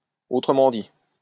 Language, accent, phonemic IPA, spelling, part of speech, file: French, France, /o.tʁə.mɑ̃ di/, autrement dit, preposition, LL-Q150 (fra)-autrement dit.wav
- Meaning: in other words (a phrase indicating that the following thought is a reiteration of the previous one)